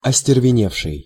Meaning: past active perfective participle of остервене́ть (ostervenétʹ)
- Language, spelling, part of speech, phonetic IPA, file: Russian, остервеневший, verb, [ɐsʲtʲɪrvʲɪˈnʲefʂɨj], Ru-остервеневший.ogg